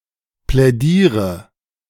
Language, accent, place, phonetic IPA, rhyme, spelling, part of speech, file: German, Germany, Berlin, [plɛˈdiːʁə], -iːʁə, plädiere, verb, De-plädiere.ogg
- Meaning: inflection of plädieren: 1. first-person singular present 2. singular imperative 3. first/third-person singular subjunctive I